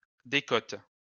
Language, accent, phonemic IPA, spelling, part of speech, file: French, France, /de.kɔt/, décote, noun, LL-Q150 (fra)-décote.wav
- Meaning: 1. discount 2. tax relief